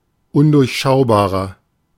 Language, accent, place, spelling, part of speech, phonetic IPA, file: German, Germany, Berlin, undurchschaubarer, adjective, [ˈʊndʊʁçˌʃaʊ̯baːʁɐ], De-undurchschaubarer.ogg
- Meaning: 1. comparative degree of undurchschaubar 2. inflection of undurchschaubar: strong/mixed nominative masculine singular 3. inflection of undurchschaubar: strong genitive/dative feminine singular